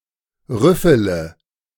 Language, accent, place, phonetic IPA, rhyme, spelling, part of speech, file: German, Germany, Berlin, [ˈʁʏfələ], -ʏfələ, rüffele, verb, De-rüffele.ogg
- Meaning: inflection of rüffeln: 1. first-person singular present 2. first/third-person singular subjunctive I 3. singular imperative